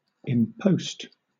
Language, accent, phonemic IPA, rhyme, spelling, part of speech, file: English, Southern England, /ˈɪmpəʊst/, -əʊst, impost, noun, LL-Q1860 (eng)-impost.wav
- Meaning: 1. A tax, tariff or duty that is imposed, especially on merchandise 2. The weight that must be carried by a horse in a race; the handicap